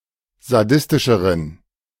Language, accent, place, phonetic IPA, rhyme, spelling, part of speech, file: German, Germany, Berlin, [zaˈdɪstɪʃəʁən], -ɪstɪʃəʁən, sadistischeren, adjective, De-sadistischeren.ogg
- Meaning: inflection of sadistisch: 1. strong genitive masculine/neuter singular comparative degree 2. weak/mixed genitive/dative all-gender singular comparative degree